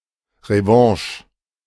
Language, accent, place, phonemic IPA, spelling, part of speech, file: German, Germany, Berlin, /reˈvãːʃ(ə)/, Revanche, noun, De-Revanche.ogg
- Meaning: 1. payback, revenge (generally playful or in minor matters, unlike Rache) 2. rematch 3. revanche